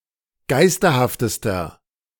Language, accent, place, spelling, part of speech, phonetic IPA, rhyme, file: German, Germany, Berlin, geisterhaftester, adjective, [ˈɡaɪ̯stɐhaftəstɐ], -aɪ̯stɐhaftəstɐ, De-geisterhaftester.ogg
- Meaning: inflection of geisterhaft: 1. strong/mixed nominative masculine singular superlative degree 2. strong genitive/dative feminine singular superlative degree 3. strong genitive plural superlative degree